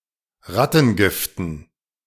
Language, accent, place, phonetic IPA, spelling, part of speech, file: German, Germany, Berlin, [ˈʁatn̩ˌɡɪftn̩], Rattengiften, noun, De-Rattengiften.ogg
- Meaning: dative plural of Rattengift